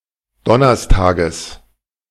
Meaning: genitive singular of Donnerstag
- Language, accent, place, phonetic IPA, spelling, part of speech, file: German, Germany, Berlin, [ˈdɔnɐstaːɡəs], Donnerstages, noun, De-Donnerstages.ogg